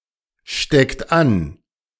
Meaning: inflection of anstecken: 1. second-person plural present 2. third-person singular present 3. plural imperative
- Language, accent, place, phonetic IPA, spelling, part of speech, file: German, Germany, Berlin, [ˌʃtɛkt ˈan], steckt an, verb, De-steckt an.ogg